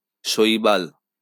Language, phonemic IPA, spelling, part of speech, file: Bengali, /ʃoi̯bal/, শৈবাল, noun, LL-Q9610 (ben)-শৈবাল.wav
- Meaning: 1. algae 2. Blyxa octandra (Vallisneria octandra), an aquatic plant of the family Hydrocharitaceae